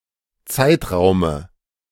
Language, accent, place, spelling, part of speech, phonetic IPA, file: German, Germany, Berlin, Zeitraume, noun, [ˈt͡saɪ̯tˌʁaʊ̯mə], De-Zeitraume.ogg
- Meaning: dative of Zeitraum